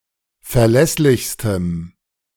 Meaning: strong dative masculine/neuter singular superlative degree of verlässlich
- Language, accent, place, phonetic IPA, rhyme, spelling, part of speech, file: German, Germany, Berlin, [fɛɐ̯ˈlɛslɪçstəm], -ɛslɪçstəm, verlässlichstem, adjective, De-verlässlichstem.ogg